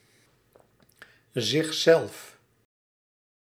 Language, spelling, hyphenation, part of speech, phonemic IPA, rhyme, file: Dutch, zichzelf, zich‧zelf, pronoun, /zɪxˈzɛlf/, -ɛlf, Nl-zichzelf.ogg
- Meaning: 1. oneself; himself/herself/themselves 2. yourself (in combination with the polite pronoun u.)